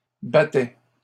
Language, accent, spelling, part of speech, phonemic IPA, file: French, Canada, battais, verb, /ba.tɛ/, LL-Q150 (fra)-battais.wav
- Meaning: first/second-person singular imperfect indicative of battre